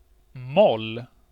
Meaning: minor scale
- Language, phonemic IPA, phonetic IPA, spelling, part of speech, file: Swedish, /mɔl/, [mɔlː], moll, noun, Sv-moll.ogg